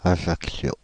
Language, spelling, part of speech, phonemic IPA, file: French, Ajaccio, proper noun, /a.ʒak.sjo/, Fr-Ajaccio.ogg
- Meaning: Ajaccio (the capital and largest city of Corsica, France)